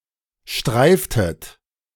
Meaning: inflection of streifen: 1. second-person plural preterite 2. second-person plural subjunctive II
- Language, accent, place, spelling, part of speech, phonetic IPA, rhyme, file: German, Germany, Berlin, streiftet, verb, [ˈʃtʁaɪ̯ftət], -aɪ̯ftət, De-streiftet.ogg